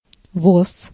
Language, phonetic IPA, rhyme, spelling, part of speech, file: Russian, [vos], -os, воз, noun, Ru-воз.ogg
- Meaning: 1. cart 2. cartload